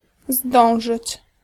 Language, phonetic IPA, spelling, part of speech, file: Polish, [ˈzdɔ̃w̃ʒɨt͡ɕ], zdążyć, verb, Pl-zdążyć.ogg